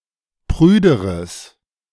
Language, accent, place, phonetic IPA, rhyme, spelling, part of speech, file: German, Germany, Berlin, [ˈpʁyːdəʁəs], -yːdəʁəs, prüderes, adjective, De-prüderes.ogg
- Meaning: strong/mixed nominative/accusative neuter singular comparative degree of prüde